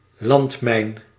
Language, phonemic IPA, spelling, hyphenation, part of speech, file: Dutch, /ˈlɑnt.mɛi̯n/, landmijn, land‧mijn, noun, Nl-landmijn.ogg
- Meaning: land mine (explosive device buried in the ground)